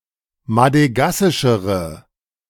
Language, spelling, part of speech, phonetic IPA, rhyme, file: German, madegassischere, adjective, [madəˈɡasɪʃəʁə], -asɪʃəʁə, De-madegassischere.ogg